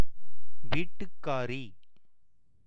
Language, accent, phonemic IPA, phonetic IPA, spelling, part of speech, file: Tamil, India, /ʋiːʈːʊkːɑːɾiː/, [ʋiːʈːʊkːäːɾiː], வீட்டுக்காரி, noun, Ta-வீட்டுக்காரி.ogg
- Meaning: 1. woman who owns a house 2. wife